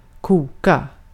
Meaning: 1. to boil (turn from liquid into gas by creating gas bubbles throughout the liquid) 2. to boil (cook in boiling water)
- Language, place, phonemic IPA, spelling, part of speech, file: Swedish, Gotland, /²kuːka/, koka, verb, Sv-koka.ogg